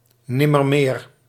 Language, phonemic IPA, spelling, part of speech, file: Dutch, /ˈnɪmərˌmer/, nimmermeer, adverb, Nl-nimmermeer.ogg
- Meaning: never again, not anymore